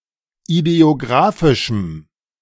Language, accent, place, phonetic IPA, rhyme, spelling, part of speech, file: German, Germany, Berlin, [ideoˈɡʁaːfɪʃm̩], -aːfɪʃm̩, ideographischem, adjective, De-ideographischem.ogg
- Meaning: strong dative masculine/neuter singular of ideographisch